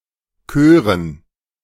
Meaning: dative plural of Chor
- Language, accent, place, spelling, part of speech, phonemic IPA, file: German, Germany, Berlin, Chören, noun, /ˈkøːrən/, De-Chören.ogg